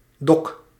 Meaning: dock
- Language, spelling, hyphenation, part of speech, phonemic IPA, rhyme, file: Dutch, dok, dok, noun, /dɔk/, -ɔk, Nl-dok.ogg